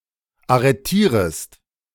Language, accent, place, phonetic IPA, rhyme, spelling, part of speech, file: German, Germany, Berlin, [aʁəˈtiːʁəst], -iːʁəst, arretierest, verb, De-arretierest.ogg
- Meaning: second-person singular subjunctive I of arretieren